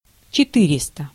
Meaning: four hundred (400)
- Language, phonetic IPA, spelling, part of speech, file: Russian, [t͡ɕɪˈtɨrʲɪstə], четыреста, numeral, Ru-четыреста.ogg